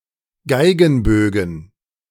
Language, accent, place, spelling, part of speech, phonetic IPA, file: German, Germany, Berlin, Geigenbögen, noun, [ˈɡaɪ̯ɡn̩ˌbøːɡn̩], De-Geigenbögen.ogg
- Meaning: plural of Geigenbogen